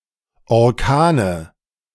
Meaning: nominative/accusative/genitive plural of Orkan
- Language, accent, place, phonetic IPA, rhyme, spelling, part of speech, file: German, Germany, Berlin, [ɔʁˈkaːnə], -aːnə, Orkane, noun, De-Orkane.ogg